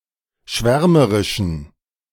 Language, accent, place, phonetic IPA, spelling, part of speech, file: German, Germany, Berlin, [ˈʃvɛʁməʁɪʃn̩], schwärmerischen, adjective, De-schwärmerischen.ogg
- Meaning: inflection of schwärmerisch: 1. strong genitive masculine/neuter singular 2. weak/mixed genitive/dative all-gender singular 3. strong/weak/mixed accusative masculine singular 4. strong dative plural